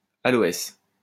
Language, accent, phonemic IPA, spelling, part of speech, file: French, France, /a.lɔ.ɛs/, aloès, noun, LL-Q150 (fra)-aloès.wav
- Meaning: aloe